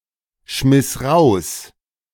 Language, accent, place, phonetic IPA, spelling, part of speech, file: German, Germany, Berlin, [ˌʃmɪs ˈʁaʊ̯s], schmiss raus, verb, De-schmiss raus.ogg
- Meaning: first/third-person singular preterite of rausschmeißen